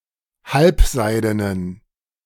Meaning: inflection of halbseiden: 1. strong genitive masculine/neuter singular 2. weak/mixed genitive/dative all-gender singular 3. strong/weak/mixed accusative masculine singular 4. strong dative plural
- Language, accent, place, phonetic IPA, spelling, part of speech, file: German, Germany, Berlin, [ˈhalpˌzaɪ̯dənən], halbseidenen, adjective, De-halbseidenen.ogg